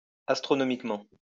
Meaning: astronomically
- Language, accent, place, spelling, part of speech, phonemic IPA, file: French, France, Lyon, astronomiquement, adverb, /as.tʁɔ.nɔ.mik.mɑ̃/, LL-Q150 (fra)-astronomiquement.wav